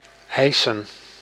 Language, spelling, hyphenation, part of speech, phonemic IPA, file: Dutch, eisen, ei‧sen, verb / noun, /ˈɛi̯sə(n)/, Nl-eisen.ogg
- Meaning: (verb) 1. to demand 2. to claim 3. to require; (noun) plural of eis